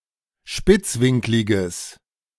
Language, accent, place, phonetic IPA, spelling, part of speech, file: German, Germany, Berlin, [ˈʃpɪt͡sˌvɪŋklɪɡəs], spitzwinkliges, adjective, De-spitzwinkliges.ogg
- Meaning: strong/mixed nominative/accusative neuter singular of spitzwinklig